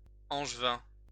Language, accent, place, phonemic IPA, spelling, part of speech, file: French, France, Lyon, /ɑ̃ʒ.vɛ̃/, angevin, adjective, LL-Q150 (fra)-angevin.wav
- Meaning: 1. of Angers 2. of the region of Anjou